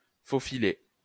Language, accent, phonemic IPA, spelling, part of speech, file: French, France, /fo.fi.le/, faufiler, verb, LL-Q150 (fra)-faufiler.wav
- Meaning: 1. to baste 2. to worm one's way, to slink (about)